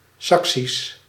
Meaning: Saxon
- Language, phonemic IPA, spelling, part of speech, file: Dutch, /ˈsɑksis/, Saksisch, adjective, Nl-Saksisch.ogg